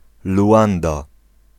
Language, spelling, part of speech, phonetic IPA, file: Polish, Luanda, proper noun, [luˈʷãnda], Pl-Luanda.ogg